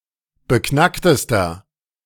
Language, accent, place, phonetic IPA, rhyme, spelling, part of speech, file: German, Germany, Berlin, [bəˈknaktəstɐ], -aktəstɐ, beknacktester, adjective, De-beknacktester.ogg
- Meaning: inflection of beknackt: 1. strong/mixed nominative masculine singular superlative degree 2. strong genitive/dative feminine singular superlative degree 3. strong genitive plural superlative degree